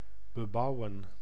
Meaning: to build something on
- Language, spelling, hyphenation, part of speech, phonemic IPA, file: Dutch, bebouwen, be‧bou‧wen, verb, /bəˈbɑu̯ə(n)/, Nl-bebouwen.ogg